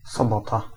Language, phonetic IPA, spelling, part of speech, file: Polish, [sɔˈbɔta], sobota, noun, Pl-sobota.ogg